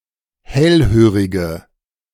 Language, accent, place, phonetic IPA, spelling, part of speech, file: German, Germany, Berlin, [ˈhɛlˌhøːʁɪɡə], hellhörige, adjective, De-hellhörige.ogg
- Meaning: inflection of hellhörig: 1. strong/mixed nominative/accusative feminine singular 2. strong nominative/accusative plural 3. weak nominative all-gender singular